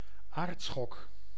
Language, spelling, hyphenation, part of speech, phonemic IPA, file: Dutch, aardschok, aard‧schok, noun, /ˈaːrt.sxɔk/, Nl-aardschok.ogg
- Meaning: 1. earthquake, quake, temblor, seism 2. tremor, earth tremor, microseism